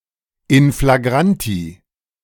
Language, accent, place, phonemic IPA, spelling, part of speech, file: German, Germany, Berlin, /ɪn flaˈɡʁanti/, in flagranti, adverb, De-in flagranti.ogg
- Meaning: in flagrante delicto